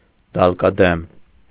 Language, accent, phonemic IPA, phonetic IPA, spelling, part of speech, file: Armenian, Eastern Armenian, /dɑlkɑˈdem/, [dɑlkɑdém], դալկադեմ, adjective / adverb, Hy-դալկադեմ.ogg
- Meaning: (adjective) pale, pasty, pallid, wan; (adverb) palely, pastily, pallidly, wanly